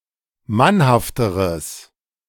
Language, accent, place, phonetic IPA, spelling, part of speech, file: German, Germany, Berlin, [ˈmanhaftəʁəs], mannhafteres, adjective, De-mannhafteres.ogg
- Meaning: strong/mixed nominative/accusative neuter singular comparative degree of mannhaft